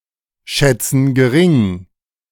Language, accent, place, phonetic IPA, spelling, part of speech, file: German, Germany, Berlin, [ˌʃɛt͡sn̩ ɡəˈʁɪŋ], schätzen gering, verb, De-schätzen gering.ogg
- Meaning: inflection of geringschätzen: 1. first/third-person plural present 2. first/third-person plural subjunctive I